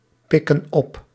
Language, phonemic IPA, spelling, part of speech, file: Dutch, /ˈpɪkə(n) ˈɔp/, pikken op, verb, Nl-pikken op.ogg
- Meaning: inflection of oppikken: 1. plural present indicative 2. plural present subjunctive